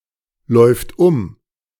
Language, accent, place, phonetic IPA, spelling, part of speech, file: German, Germany, Berlin, [ˌlɔɪ̯ft ˈʊm], läuft um, verb, De-läuft um.ogg
- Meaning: third-person singular present of umlaufen